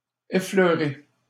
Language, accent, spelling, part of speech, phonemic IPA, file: French, Canada, affleurer, verb, /a.flœ.ʁe/, LL-Q150 (fra)-affleurer.wav
- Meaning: 1. to place on the same level with, to show on the same surface 2. to crop up, to surface, to poke one's head out